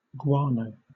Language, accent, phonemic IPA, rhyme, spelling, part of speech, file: English, Southern England, /ˈɡwɑːnəʊ/, -ɑːnəʊ, guano, noun / verb, LL-Q1860 (eng)-guano.wav
- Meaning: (noun) 1. Dung from a sea bird or from a bat 2. Coccothrinax borhidiana, a variety of palm tree indigenous to Cuba 3. A variety of seabird; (verb) To fertilize (land) with guano